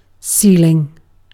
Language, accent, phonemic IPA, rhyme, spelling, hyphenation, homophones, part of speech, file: English, Received Pronunciation, /ˈsiːlɪŋ/, -iːlɪŋ, ceiling, ceil‧ing, sealing, noun / verb, En-uk-ceiling.ogg
- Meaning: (noun) 1. The overhead closure of a room 2. The upper limit of an object or action 3. The highest altitude at which an aircraft can safely maintain flight